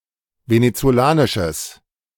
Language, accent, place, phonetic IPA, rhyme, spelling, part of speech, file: German, Germany, Berlin, [ˌvenet͡soˈlaːnɪʃəs], -aːnɪʃəs, venezolanisches, adjective, De-venezolanisches.ogg
- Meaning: strong/mixed nominative/accusative neuter singular of venezolanisch